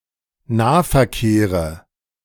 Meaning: nominative/accusative/genitive plural of Nahverkehr
- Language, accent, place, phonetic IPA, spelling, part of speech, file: German, Germany, Berlin, [ˈnaːfɛɐ̯ˌkeːʁə], Nahverkehre, noun, De-Nahverkehre.ogg